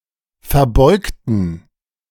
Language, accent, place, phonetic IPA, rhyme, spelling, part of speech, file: German, Germany, Berlin, [fɛɐ̯ˈbɔɪ̯ktn̩], -ɔɪ̯ktn̩, verbeugten, adjective / verb, De-verbeugten.ogg
- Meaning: inflection of verbeugen: 1. first/third-person plural preterite 2. first/third-person plural subjunctive II